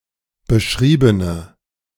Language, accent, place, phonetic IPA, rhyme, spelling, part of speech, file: German, Germany, Berlin, [bəˈʃʁiːbənə], -iːbənə, beschriebene, adjective, De-beschriebene.ogg
- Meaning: inflection of beschrieben: 1. strong/mixed nominative/accusative feminine singular 2. strong nominative/accusative plural 3. weak nominative all-gender singular